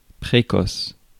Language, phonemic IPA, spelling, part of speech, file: French, /pʁe.kɔs/, précoce, adjective, Fr-précoce.ogg
- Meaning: 1. early, precocious (ripe before the season) 2. precocious